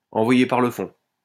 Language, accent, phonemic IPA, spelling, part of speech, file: French, France, /ɑ̃.vwa.je paʁ lə fɔ̃/, envoyer par le fond, verb, LL-Q150 (fra)-envoyer par le fond.wav
- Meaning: to sink (a ship), to send (a ship) to the bottom